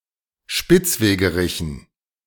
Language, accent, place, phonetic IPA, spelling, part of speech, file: German, Germany, Berlin, [ˈʃpɪt͡sˌveːɡəˌʁɪçn̩], Spitzwegerichen, noun, De-Spitzwegerichen.ogg
- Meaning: dative plural of Spitzwegerich